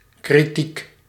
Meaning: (adjective) critical (pertaining to a crisis or pivotal moment); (noun) 1. criticism 2. critique
- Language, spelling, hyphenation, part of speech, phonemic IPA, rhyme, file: Dutch, kritiek, kri‧tiek, adjective / noun, /kriˈtik/, -ik, Nl-kritiek.ogg